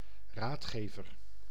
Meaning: advisor
- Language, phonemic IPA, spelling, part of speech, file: Dutch, /ˈratxevər/, raadgever, noun, Nl-raadgever.ogg